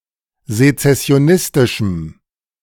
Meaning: strong dative masculine/neuter singular of sezessionistisch
- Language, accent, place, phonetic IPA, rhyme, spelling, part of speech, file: German, Germany, Berlin, [zet͡sɛsi̯oˈnɪstɪʃm̩], -ɪstɪʃm̩, sezessionistischem, adjective, De-sezessionistischem.ogg